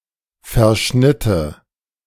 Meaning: first/third-person singular subjunctive II of verschneiden
- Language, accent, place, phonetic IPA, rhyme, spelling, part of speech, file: German, Germany, Berlin, [fɛɐ̯ˈʃnɪtə], -ɪtə, verschnitte, verb, De-verschnitte.ogg